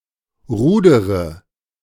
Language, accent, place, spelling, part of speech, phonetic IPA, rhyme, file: German, Germany, Berlin, rudere, verb, [ˈʁuːdəʁə], -uːdəʁə, De-rudere.ogg
- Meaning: inflection of rudern: 1. first-person singular present 2. first/third-person singular subjunctive I 3. singular imperative